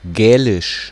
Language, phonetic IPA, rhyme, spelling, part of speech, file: German, [ˈɡɛːlɪʃ], -ɛːlɪʃ, Gälisch, noun, De-Gälisch.ogg
- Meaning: Gaelic